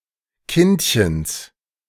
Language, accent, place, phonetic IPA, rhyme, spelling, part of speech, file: German, Germany, Berlin, [ˈkɪntçəns], -ɪntçəns, Kindchens, noun, De-Kindchens.ogg
- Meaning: genitive singular of Kindchen